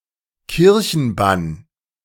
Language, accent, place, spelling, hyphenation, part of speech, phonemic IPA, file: German, Germany, Berlin, Kirchenbann, Kir‧chen‧bann, noun, /ˈkɪʁçənˌban/, De-Kirchenbann.ogg
- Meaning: anathema